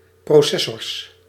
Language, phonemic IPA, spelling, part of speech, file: Dutch, /prɔˈsɛ.sɔrs/, processors, noun, Nl-processors.ogg
- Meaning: plural of processor